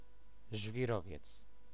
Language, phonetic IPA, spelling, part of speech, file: Polish, [ʒvʲiˈrɔvʲjɛt͡s], żwirowiec, noun, Pl-żwirowiec.ogg